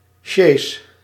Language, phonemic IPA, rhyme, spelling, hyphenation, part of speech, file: Dutch, /ʃeːs/, -eːs, sjees, sjees, noun, Nl-sjees.ogg
- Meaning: chaise; a high, open (sometimes convertible), two-wheeled carriage